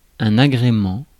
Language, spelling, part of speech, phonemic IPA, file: French, agrément, noun, /a.ɡʁe.mɑ̃/, Fr-agrément.ogg
- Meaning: 1. congeniality, amenity 2. approval (permission)